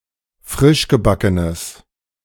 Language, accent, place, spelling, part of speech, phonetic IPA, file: German, Germany, Berlin, frischgebackenes, adjective, [ˈfʁɪʃɡəˌbakənəs], De-frischgebackenes.ogg
- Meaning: strong/mixed nominative/accusative neuter singular of frischgebacken